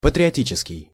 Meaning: patriotic
- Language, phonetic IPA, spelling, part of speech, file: Russian, [pətrʲɪɐˈtʲit͡ɕɪskʲɪj], патриотический, adjective, Ru-патриотический.ogg